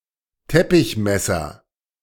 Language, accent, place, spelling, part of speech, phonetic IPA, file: German, Germany, Berlin, Teppichmesser, noun, [ˈtɛpɪçˌmɛsɐ], De-Teppichmesser.ogg
- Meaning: utility knife, box cutter, Stanley knife (tool used to cut)